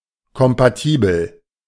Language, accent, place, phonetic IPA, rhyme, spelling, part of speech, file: German, Germany, Berlin, [kɔmpaˈtiːbl̩], -iːbl̩, kompatibel, adjective, De-kompatibel.ogg
- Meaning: compatible